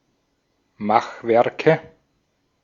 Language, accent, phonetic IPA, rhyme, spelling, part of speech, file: German, Austria, [ˈmaxˌvɛʁkə], -axvɛʁkə, Machwerke, noun, De-at-Machwerke.ogg
- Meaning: nominative/accusative/genitive plural of Machwerk